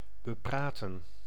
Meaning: to talk over, discuss
- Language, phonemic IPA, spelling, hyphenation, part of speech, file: Dutch, /bəˈpraːtə(n)/, bepraten, be‧pra‧ten, verb, Nl-bepraten.ogg